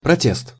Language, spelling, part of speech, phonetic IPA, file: Russian, протест, noun, [prɐˈtʲest], Ru-протест.ogg
- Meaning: protest, remonstrance (formal objection)